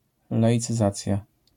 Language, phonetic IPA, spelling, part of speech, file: Polish, [ˌlaʲit͡sɨˈzat͡sʲja], laicyzacja, noun, LL-Q809 (pol)-laicyzacja.wav